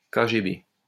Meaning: KGB (the former Soviet State Security Committee)
- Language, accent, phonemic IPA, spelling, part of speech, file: French, France, /ka.ʒe.be/, KGB, proper noun, LL-Q150 (fra)-KGB.wav